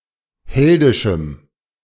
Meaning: strong dative masculine/neuter singular of heldisch
- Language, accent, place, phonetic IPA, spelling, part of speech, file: German, Germany, Berlin, [ˈhɛldɪʃm̩], heldischem, adjective, De-heldischem.ogg